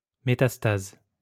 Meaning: metastasis (the development of a secondary area of disease remote from the original site)
- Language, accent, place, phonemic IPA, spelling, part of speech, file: French, France, Lyon, /me.tas.taz/, métastase, noun, LL-Q150 (fra)-métastase.wav